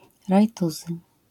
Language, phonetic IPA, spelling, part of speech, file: Polish, [rajˈtuzɨ], rajtuzy, noun, LL-Q809 (pol)-rajtuzy.wav